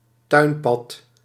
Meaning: garden path
- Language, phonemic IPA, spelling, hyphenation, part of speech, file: Dutch, /ˈtœy̯n.pɑt/, tuinpad, tuin‧pad, noun, Nl-tuinpad.ogg